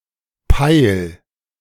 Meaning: singular imperative of peilen
- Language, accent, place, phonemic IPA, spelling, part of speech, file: German, Germany, Berlin, /paɪl/, peil, verb, De-peil.ogg